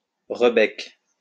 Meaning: rebec
- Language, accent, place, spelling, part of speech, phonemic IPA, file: French, France, Lyon, rebec, noun, /ʁə.bɛk/, LL-Q150 (fra)-rebec.wav